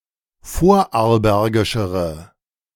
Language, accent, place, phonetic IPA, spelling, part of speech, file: German, Germany, Berlin, [ˈfoːɐ̯ʔaʁlˌbɛʁɡɪʃəʁə], vorarlbergischere, adjective, De-vorarlbergischere.ogg
- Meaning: inflection of vorarlbergisch: 1. strong/mixed nominative/accusative feminine singular comparative degree 2. strong nominative/accusative plural comparative degree